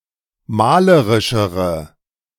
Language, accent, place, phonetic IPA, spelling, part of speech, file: German, Germany, Berlin, [ˈmaːləʁɪʃəʁə], malerischere, adjective, De-malerischere.ogg
- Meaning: inflection of malerisch: 1. strong/mixed nominative/accusative feminine singular comparative degree 2. strong nominative/accusative plural comparative degree